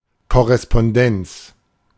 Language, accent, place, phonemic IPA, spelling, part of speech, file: German, Germany, Berlin, /kɔʁɛspɔnˈdɛnt͡s/, Korrespondenz, noun, De-Korrespondenz.ogg
- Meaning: correspondence